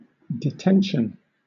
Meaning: 1. The act of detaining or the state of being detained; hindrance 2. A temporary state of custody or confinement.: Confinement of a prisoner awaiting trial
- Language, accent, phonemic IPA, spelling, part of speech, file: English, Southern England, /dɪˈtɛnʃn̩/, detention, noun, LL-Q1860 (eng)-detention.wav